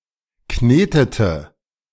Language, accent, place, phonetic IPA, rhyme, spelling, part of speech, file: German, Germany, Berlin, [ˈkneːtətə], -eːtətə, knetete, verb, De-knetete.ogg
- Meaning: inflection of kneten: 1. first/third-person singular preterite 2. first/third-person singular subjunctive II